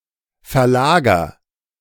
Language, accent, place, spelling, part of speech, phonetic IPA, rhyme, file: German, Germany, Berlin, verlager, verb, [fɛɐ̯ˈlaːɡɐ], -aːɡɐ, De-verlager.ogg
- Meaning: inflection of verlagern: 1. first-person singular present 2. singular imperative